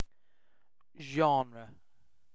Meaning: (noun) A kind; a stylistic category or sort, especially of literature or other artworks; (verb) To assign or conform to a genre, to make genre-specific
- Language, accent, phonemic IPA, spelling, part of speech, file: English, UK, /ˈ(d)ʒɒnɹə/, genre, noun / verb, En-uk-genre.ogg